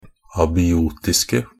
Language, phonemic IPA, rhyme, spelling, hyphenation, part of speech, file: Norwegian Bokmål, /ɑːbɪˈuːtɪskə/, -ɪskə, abiotiske, a‧bi‧o‧tis‧ke, adjective, NB - Pronunciation of Norwegian Bokmål «abiotiske».ogg
- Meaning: 1. definite singular of abiotisk 2. plural of abiotisk